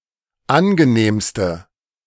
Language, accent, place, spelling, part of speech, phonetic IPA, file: German, Germany, Berlin, angenehmste, adjective, [ˈanɡəˌneːmstə], De-angenehmste.ogg
- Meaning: inflection of angenehm: 1. strong/mixed nominative/accusative feminine singular superlative degree 2. strong nominative/accusative plural superlative degree